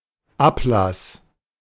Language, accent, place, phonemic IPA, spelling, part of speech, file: German, Germany, Berlin, /ˈapˌlas/, Ablass, noun, De-Ablass.ogg
- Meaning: 1. drain 2. cessation 3. indulgence